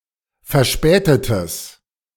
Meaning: strong/mixed nominative/accusative neuter singular of verspätet
- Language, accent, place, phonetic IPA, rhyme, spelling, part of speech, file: German, Germany, Berlin, [fɛɐ̯ˈʃpɛːtətəs], -ɛːtətəs, verspätetes, adjective, De-verspätetes.ogg